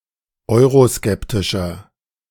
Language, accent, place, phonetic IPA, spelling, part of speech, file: German, Germany, Berlin, [ˈɔɪ̯ʁoˌskɛptɪʃɐ], euroskeptischer, adjective, De-euroskeptischer.ogg
- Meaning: 1. comparative degree of euroskeptisch 2. inflection of euroskeptisch: strong/mixed nominative masculine singular 3. inflection of euroskeptisch: strong genitive/dative feminine singular